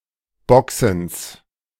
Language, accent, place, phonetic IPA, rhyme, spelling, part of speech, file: German, Germany, Berlin, [ˈbɔksn̩s], -ɔksn̩s, Boxens, noun, De-Boxens.ogg
- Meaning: genitive singular of Boxen